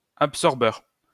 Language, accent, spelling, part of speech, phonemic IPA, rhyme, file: French, France, absorbeur, noun, /ap.sɔʁ.bœʁ/, -œʁ, LL-Q150 (fra)-absorbeur.wav
- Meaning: absorber